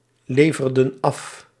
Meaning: inflection of afleveren: 1. plural past indicative 2. plural past subjunctive
- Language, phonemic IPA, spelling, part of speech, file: Dutch, /ˈlevərdə(n) ˈɑf/, leverden af, verb, Nl-leverden af.ogg